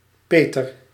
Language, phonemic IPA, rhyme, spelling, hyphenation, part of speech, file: Dutch, /ˈpeː.tər/, -eːtər, peter, pe‧ter, noun, Nl-peter.ogg
- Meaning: a godfather